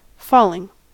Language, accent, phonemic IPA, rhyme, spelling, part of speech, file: English, US, /ˈfɔlɪŋ/, -ɔːlɪŋ, falling, verb / noun, En-us-falling.ogg
- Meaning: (verb) present participle and gerund of fall; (noun) verbal noun of fall